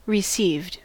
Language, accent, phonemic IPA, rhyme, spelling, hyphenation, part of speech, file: English, US, /ɹɪˈsiːvd/, -iːvd, received, re‧ceived, verb / adjective, En-us-received.ogg
- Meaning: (verb) simple past and past participle of receive; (adjective) Generally accepted as correct or true